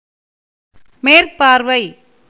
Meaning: 1. supervision, superintendence 2. superficial observation 3. proud look 4. long sight 5. up-turned position of the eyes
- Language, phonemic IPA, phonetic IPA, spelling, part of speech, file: Tamil, /meːrpɑːɾʋɐɪ̯/, [meːrpäːɾʋɐɪ̯], மேற்பார்வை, noun, Ta-மேற்பார்வை.ogg